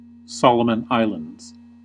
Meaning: A country consisting of the majority of the Solomon Islands archipelago in Melanesia, in Oceania, as well as the Santa Cruz Islands. Official name: Solomon Islands. Capital and largest city: Honiara
- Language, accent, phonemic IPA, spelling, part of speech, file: English, US, /ˈsɑ.lə.mən ˈaɪ.ləndz/, Solomon Islands, proper noun, En-us-Solomon Islands.ogg